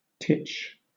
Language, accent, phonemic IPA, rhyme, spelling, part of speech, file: English, Southern England, /tɪt͡ʃ/, -ɪtʃ, titch, noun / verb, LL-Q1860 (eng)-titch.wav
- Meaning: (noun) 1. A very small person; a small child 2. A small amount 3. A small amount of something; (verb) 1. Pronunciation spelling of touch 2. Pronunciation spelling of teach